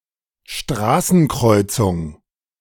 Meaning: crossroads, street intersection, road junction
- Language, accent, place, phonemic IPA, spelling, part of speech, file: German, Germany, Berlin, /ˈʃtraːsn̩krɔ͜yt͜sʊŋ/, Straßenkreuzung, noun, De-Straßenkreuzung.ogg